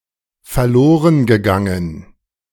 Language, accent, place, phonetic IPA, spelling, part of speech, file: German, Germany, Berlin, [fɛɐ̯ˈloːʁənɡəˌɡaŋən], verlorengegangen, verb, De-verlorengegangen.ogg
- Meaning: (verb) past participle of verlorengehen; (adjective) lost